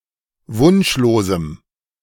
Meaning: strong dative masculine/neuter singular of wunschlos
- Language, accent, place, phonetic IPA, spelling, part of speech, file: German, Germany, Berlin, [ˈvʊnʃloːzm̩], wunschlosem, adjective, De-wunschlosem.ogg